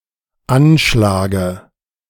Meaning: dative singular of Anschlag
- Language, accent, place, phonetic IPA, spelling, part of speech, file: German, Germany, Berlin, [ˈanˌʃlaːɡə], Anschlage, noun, De-Anschlage.ogg